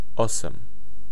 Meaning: eight (8)
- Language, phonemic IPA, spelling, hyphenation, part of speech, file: Serbo-Croatian, /ôsam/, osam, o‧sam, numeral, Sr-osam.ogg